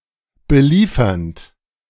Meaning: present participle of beliefern
- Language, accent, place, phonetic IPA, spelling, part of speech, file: German, Germany, Berlin, [bəˈliːfɐnt], beliefernd, verb, De-beliefernd.ogg